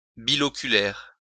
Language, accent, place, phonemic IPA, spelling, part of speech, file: French, France, Lyon, /bi.lɔ.ky.lɛʁ/, biloculaire, adjective, LL-Q150 (fra)-biloculaire.wav
- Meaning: bilocular